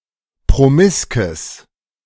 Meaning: strong/mixed nominative/accusative neuter singular of promisk
- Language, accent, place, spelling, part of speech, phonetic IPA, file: German, Germany, Berlin, promiskes, adjective, [pʁoˈmɪskəs], De-promiskes.ogg